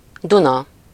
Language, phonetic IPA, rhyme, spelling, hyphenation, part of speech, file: Hungarian, [ˈdunɒ], -nɒ, Duna, Du‧na, proper noun, Hu-Duna.ogg